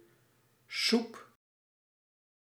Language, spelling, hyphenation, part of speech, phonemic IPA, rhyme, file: Dutch, soep, soep, noun, /sup/, -up, Nl-soep.ogg
- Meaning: 1. soup, liquid dish 2. a mirky mess; chaos, trouble